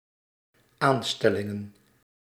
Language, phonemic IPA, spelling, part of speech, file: Dutch, /ˈanstɛlɪŋə(n)/, aanstellingen, noun, Nl-aanstellingen.ogg
- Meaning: plural of aanstelling